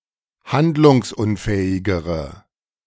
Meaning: inflection of handlungsunfähig: 1. strong/mixed nominative/accusative feminine singular comparative degree 2. strong nominative/accusative plural comparative degree
- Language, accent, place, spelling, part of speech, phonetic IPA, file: German, Germany, Berlin, handlungsunfähigere, adjective, [ˈhandlʊŋsˌʔʊnfɛːɪɡəʁə], De-handlungsunfähigere.ogg